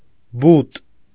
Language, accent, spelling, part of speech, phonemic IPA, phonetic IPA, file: Armenian, Eastern Armenian, բուտ, noun, /but/, [but], Hy-բուտ.ogg
- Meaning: food for animals